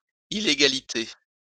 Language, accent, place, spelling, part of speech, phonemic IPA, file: French, France, Lyon, illégalité, noun, /i.le.ɡa.li.te/, LL-Q150 (fra)-illégalité.wav
- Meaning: 1. illegality 2. lawlessness